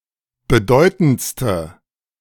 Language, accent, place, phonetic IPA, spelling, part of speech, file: German, Germany, Berlin, [bəˈdɔɪ̯tn̩t͡stə], bedeutendste, adjective, De-bedeutendste.ogg
- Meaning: inflection of bedeutend: 1. strong/mixed nominative/accusative feminine singular superlative degree 2. strong nominative/accusative plural superlative degree